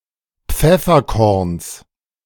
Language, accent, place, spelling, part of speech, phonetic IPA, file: German, Germany, Berlin, Pfefferkorns, noun, [ˈp͡fɛfɐˌkɔʁns], De-Pfefferkorns.ogg
- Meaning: genitive of Pfefferkorn